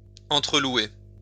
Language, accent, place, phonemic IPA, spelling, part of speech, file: French, France, Lyon, /ɑ̃.tʁə.lwe/, entrelouer, verb, LL-Q150 (fra)-entrelouer.wav
- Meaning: post-1990 spelling of entre-louer